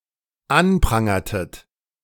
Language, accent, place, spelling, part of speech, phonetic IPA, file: German, Germany, Berlin, anprangertet, verb, [ˈanˌpʁaŋɐtət], De-anprangertet.ogg
- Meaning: inflection of anprangern: 1. second-person plural dependent preterite 2. second-person plural dependent subjunctive II